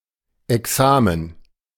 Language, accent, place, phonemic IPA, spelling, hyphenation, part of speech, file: German, Germany, Berlin, /ɛˈksaːmən/, Examen, Ex‧a‧men, noun, De-Examen.ogg
- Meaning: exam (particularly at the end of university studies e.g. Final Exam)